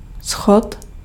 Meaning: step (of a stairway)
- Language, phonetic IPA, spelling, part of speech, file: Czech, [ˈsxot], schod, noun, Cs-schod.ogg